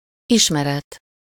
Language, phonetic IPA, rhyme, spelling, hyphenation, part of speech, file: Hungarian, [ˈiʃmɛrɛt], -ɛt, ismeret, is‧me‧ret, noun, Hu-ismeret.ogg
- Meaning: (a piece of) knowledge